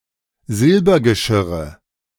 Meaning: nominative/accusative/genitive plural of Silbergeschirr
- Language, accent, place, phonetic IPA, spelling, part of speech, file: German, Germany, Berlin, [ˈzɪlbɐɡəˌʃɪʁə], Silbergeschirre, noun, De-Silbergeschirre.ogg